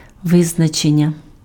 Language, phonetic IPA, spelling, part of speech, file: Ukrainian, [ˈʋɪznɐt͡ʃenʲːɐ], визначення, noun, Uk-визначення.ogg
- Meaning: verbal noun of ви́значити (význačyty): 1. determination, determining, fixing, designation 2. definition